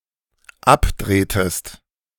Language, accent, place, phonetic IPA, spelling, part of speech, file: German, Germany, Berlin, [ˈapˌdʁeːtəst], abdrehtest, verb, De-abdrehtest.ogg
- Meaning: inflection of abdrehen: 1. second-person singular dependent preterite 2. second-person singular dependent subjunctive II